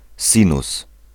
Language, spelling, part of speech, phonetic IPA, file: Polish, sinus, noun, [ˈsʲĩnus], Pl-sinus.ogg